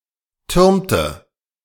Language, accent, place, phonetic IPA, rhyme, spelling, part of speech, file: German, Germany, Berlin, [ˈtʏʁmtə], -ʏʁmtə, türmte, verb, De-türmte.ogg
- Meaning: inflection of türmen: 1. first/third-person singular preterite 2. first/third-person singular subjunctive II